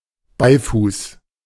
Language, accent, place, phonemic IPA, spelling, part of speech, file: German, Germany, Berlin, /ˈbaɪ̯fuːs/, Beifuß, noun, De-Beifuß.ogg
- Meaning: mugwort, Artemisia vulgaris